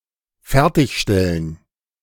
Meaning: to finish, to complete (something one is constructing or creating)
- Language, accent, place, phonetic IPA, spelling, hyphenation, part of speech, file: German, Germany, Berlin, [ˈfɛʁtɪçˌʃtɛlən], fertigstellen, fer‧tig‧stel‧len, verb, De-fertigstellen.ogg